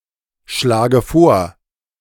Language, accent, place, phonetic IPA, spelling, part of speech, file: German, Germany, Berlin, [ˌʃlaːɡə ˈfoːɐ̯], schlage vor, verb, De-schlage vor.ogg
- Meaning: inflection of vorschlagen: 1. first-person singular present 2. first/third-person singular subjunctive I 3. singular imperative